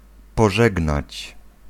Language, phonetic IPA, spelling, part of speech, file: Polish, [pɔˈʒɛɡnat͡ɕ], pożegnać, verb, Pl-pożegnać.ogg